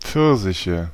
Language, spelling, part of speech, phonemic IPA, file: German, Pfirsiche, noun, /ˈpfɪʁzɪçə/, De-Pfirsiche.ogg
- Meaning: nominative/accusative/genitive plural of Pfirsich "peaches"